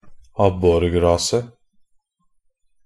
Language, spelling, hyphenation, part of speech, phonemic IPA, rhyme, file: Norwegian Bokmål, abborgraset, ab‧bor‧gras‧et, noun, /ˈabːɔrɡrɑːsə/, -ɑːsə, Nb-abborgraset.ogg
- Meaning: definite singular of abborgras